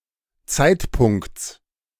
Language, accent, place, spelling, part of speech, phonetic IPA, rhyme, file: German, Germany, Berlin, Zeitpunkts, noun, [ˈt͡saɪ̯tˌpʊŋkt͡s], -aɪ̯tpʊŋkt͡s, De-Zeitpunkts.ogg
- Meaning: genitive singular of Zeitpunkt